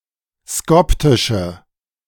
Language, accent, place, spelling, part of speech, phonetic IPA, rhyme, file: German, Germany, Berlin, skoptische, adjective, [ˈskɔptɪʃə], -ɔptɪʃə, De-skoptische.ogg
- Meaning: inflection of skoptisch: 1. strong/mixed nominative/accusative feminine singular 2. strong nominative/accusative plural 3. weak nominative all-gender singular